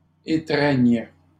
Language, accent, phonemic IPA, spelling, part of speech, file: French, Canada, /e.tʁɛɲ/, étreignent, verb, LL-Q150 (fra)-étreignent.wav
- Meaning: third-person plural present indicative/subjunctive of étreindre